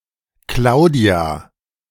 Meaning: a female given name from Latin Claudia, popular from the 1960s to the 1980s
- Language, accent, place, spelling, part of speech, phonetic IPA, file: German, Germany, Berlin, Claudia, proper noun, [ˈklaʊ̯di̯a], De-Claudia.ogg